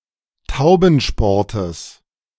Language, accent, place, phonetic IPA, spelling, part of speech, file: German, Germany, Berlin, [ˈtaʊ̯bn̩ˌʃpɔʁtəs], Taubensportes, noun, De-Taubensportes.ogg
- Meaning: genitive singular of Taubensport